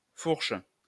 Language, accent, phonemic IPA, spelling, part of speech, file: French, France, /fuʁʃ/, fourche, noun, LL-Q150 (fra)-fourche.wav
- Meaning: 1. pitchfork 2. fork (in the road etc.) 3. crotch 4. split end (hair) 5. fork (of a bicycle)